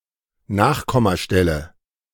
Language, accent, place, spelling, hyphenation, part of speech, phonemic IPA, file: German, Germany, Berlin, Nachkommastelle, Nach‧kom‧ma‧stel‧le, noun, /ˈnaːχkɔmaˌʃtɛlə/, De-Nachkommastelle.ogg
- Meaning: decimal place